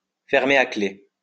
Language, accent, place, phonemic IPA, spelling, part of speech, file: French, France, Lyon, /fɛʁ.me a kle/, fermer à clé, verb, LL-Q150 (fra)-fermer à clé.wav
- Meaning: alternative spelling of fermer à clef